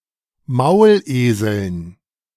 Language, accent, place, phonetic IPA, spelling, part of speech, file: German, Germany, Berlin, [ˈmaʊ̯lˌʔeːzl̩n], Mauleseln, noun, De-Mauleseln.ogg
- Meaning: dative plural of Maulesel